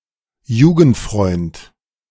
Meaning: childhood friend
- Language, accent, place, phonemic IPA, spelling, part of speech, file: German, Germany, Berlin, /ˈjuːɡn̩tˌfʁɔɪ̯nt/, Jugendfreund, noun, De-Jugendfreund.ogg